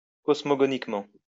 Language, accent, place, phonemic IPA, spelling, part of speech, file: French, France, Lyon, /kɔs.mɔ.ɡɔ.nik.mɑ̃/, cosmogoniquement, adverb, LL-Q150 (fra)-cosmogoniquement.wav
- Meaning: cosmogonically